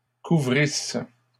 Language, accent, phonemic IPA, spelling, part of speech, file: French, Canada, /ku.vʁis/, couvrisse, verb, LL-Q150 (fra)-couvrisse.wav
- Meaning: first-person singular imperfect subjunctive of couvrir